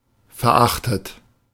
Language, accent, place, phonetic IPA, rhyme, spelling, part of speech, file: German, Germany, Berlin, [fɛɐ̯ˈʔaxtət], -axtət, verachtet, adjective / verb, De-verachtet.ogg
- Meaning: past participle of verachten